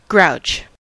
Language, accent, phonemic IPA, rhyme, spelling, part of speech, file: English, US, /ɡɹaʊt͡ʃ/, -aʊtʃ, grouch, noun / verb, En-us-grouch.ogg
- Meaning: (noun) 1. A complaint, a grumble, a fit of ill-humor 2. One who is grumpy or irritable; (verb) To be grumpy or irritable; to complain